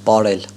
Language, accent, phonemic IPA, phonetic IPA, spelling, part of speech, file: Armenian, Eastern Armenian, /pɑˈɾel/, [pɑɾél], պարել, verb, Hy-պարել.ogg
- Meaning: to dance